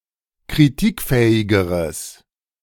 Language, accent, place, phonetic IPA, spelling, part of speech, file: German, Germany, Berlin, [kʁiˈtiːkˌfɛːɪɡəʁəs], kritikfähigeres, adjective, De-kritikfähigeres.ogg
- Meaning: strong/mixed nominative/accusative neuter singular comparative degree of kritikfähig